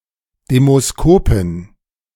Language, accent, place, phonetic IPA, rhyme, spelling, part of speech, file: German, Germany, Berlin, [demoˈskoːpɪn], -oːpɪn, Demoskopin, noun, De-Demoskopin.ogg
- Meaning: female equivalent of Demoskop (“opinion pollster”)